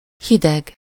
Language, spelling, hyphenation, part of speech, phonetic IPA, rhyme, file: Hungarian, hideg, hi‧deg, adjective / noun, [ˈhidɛɡ], -ɛɡ, Hu-hideg.ogg
- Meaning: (adjective) 1. cold (having a low temperature) 2. cold, distant, unfeeling; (noun) cold weather, cold spell